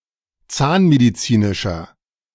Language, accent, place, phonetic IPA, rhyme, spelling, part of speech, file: German, Germany, Berlin, [ˈt͡saːnmediˌt͡siːnɪʃɐ], -aːnmedit͡siːnɪʃɐ, zahnmedizinischer, adjective, De-zahnmedizinischer.ogg
- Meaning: inflection of zahnmedizinisch: 1. strong/mixed nominative masculine singular 2. strong genitive/dative feminine singular 3. strong genitive plural